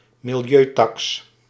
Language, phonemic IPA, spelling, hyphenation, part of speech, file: Dutch, /mɪlˈjøːˌtɑks/, milieutaks, mi‧li‧eu‧taks, noun, Nl-milieutaks.ogg
- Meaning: environmental tax